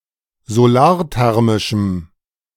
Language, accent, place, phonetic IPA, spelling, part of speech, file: German, Germany, Berlin, [zoˈlaːɐ̯ˌtɛʁmɪʃm̩], solarthermischem, adjective, De-solarthermischem.ogg
- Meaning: strong dative masculine/neuter singular of solarthermisch